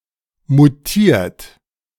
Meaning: 1. past participle of mutieren 2. inflection of mutieren: third-person singular present 3. inflection of mutieren: second-person plural present 4. inflection of mutieren: plural imperative
- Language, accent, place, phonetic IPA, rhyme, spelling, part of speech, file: German, Germany, Berlin, [muˈtiːɐ̯t], -iːɐ̯t, mutiert, verb, De-mutiert.ogg